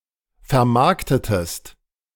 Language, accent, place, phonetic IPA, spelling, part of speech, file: German, Germany, Berlin, [fɛɐ̯ˈmaʁktətəst], vermarktetest, verb, De-vermarktetest.ogg
- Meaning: inflection of vermarkten: 1. second-person singular preterite 2. second-person singular subjunctive II